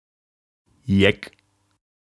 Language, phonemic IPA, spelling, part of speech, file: German, /jɛk/, Jeck, noun, De-Jeck.ogg
- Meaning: 1. carnival reveler (participant in a carnival event or party) 2. madman, fool